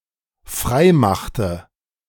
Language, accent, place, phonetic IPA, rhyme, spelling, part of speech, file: German, Germany, Berlin, [ˈfʁaɪ̯ˌmaxtə], -aɪ̯maxtə, freimachte, verb, De-freimachte.ogg
- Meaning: inflection of freimachen: 1. first/third-person singular dependent preterite 2. first/third-person singular dependent subjunctive II